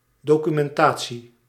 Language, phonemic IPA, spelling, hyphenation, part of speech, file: Dutch, /ˌdoːkymɛnˈtaː(t)si/, documentatie, do‧cu‧men‧ta‧tie, noun, Nl-documentatie.ogg
- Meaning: documentation (documents that explain the operation of a particular software program)